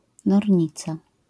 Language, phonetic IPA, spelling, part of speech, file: Polish, [nɔrʲˈɲit͡sa], nornica, noun, LL-Q809 (pol)-nornica.wav